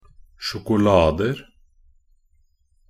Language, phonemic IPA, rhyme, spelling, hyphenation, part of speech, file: Norwegian Bokmål, /ʃʊkʊˈlɑːdər/, -ər, sjokolader, sjo‧ko‧la‧der, noun, Nb-sjokolader.ogg
- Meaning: indefinite plural of sjokolade